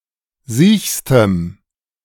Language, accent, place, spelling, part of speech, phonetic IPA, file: German, Germany, Berlin, siechstem, adjective, [ˈziːçstəm], De-siechstem.ogg
- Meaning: strong dative masculine/neuter singular superlative degree of siech